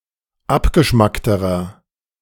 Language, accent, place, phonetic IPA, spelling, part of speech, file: German, Germany, Berlin, [ˈapɡəˌʃmaktəʁɐ], abgeschmackterer, adjective, De-abgeschmackterer.ogg
- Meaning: inflection of abgeschmackt: 1. strong/mixed nominative masculine singular comparative degree 2. strong genitive/dative feminine singular comparative degree 3. strong genitive plural comparative degree